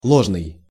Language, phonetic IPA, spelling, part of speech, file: Russian, [ˈɫoʐnɨj], ложный, adjective, Ru-ложный.ogg
- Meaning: 1. false (untrue, not factual, wrong) 2. fallacious (deceptive or misleading, mistaken)